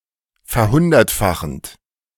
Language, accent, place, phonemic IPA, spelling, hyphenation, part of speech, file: German, Germany, Berlin, /fɛɐ̯ˈhʊndɐtˌfaxənt/, verhundertfachend, ver‧hun‧dert‧fa‧chend, verb, De-verhundertfachend.ogg
- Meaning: present participle of verhundertfachen